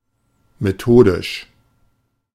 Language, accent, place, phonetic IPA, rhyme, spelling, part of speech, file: German, Germany, Berlin, [meˈtoːdɪʃ], -oːdɪʃ, methodisch, adjective, De-methodisch.ogg
- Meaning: methodical